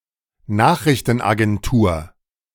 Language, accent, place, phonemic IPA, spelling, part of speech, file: German, Germany, Berlin, /ˈnaːχʁɪçtənaɡɛnˌtuːɐ/, Nachrichtenagentur, noun, De-Nachrichtenagentur.ogg
- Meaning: news agency (organisation that gathers and distributes news)